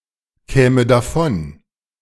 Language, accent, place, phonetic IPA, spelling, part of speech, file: German, Germany, Berlin, [ˌkɛːmə daˈfɔn], käme davon, verb, De-käme davon.ogg
- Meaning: first/third-person singular subjunctive II of davonkommen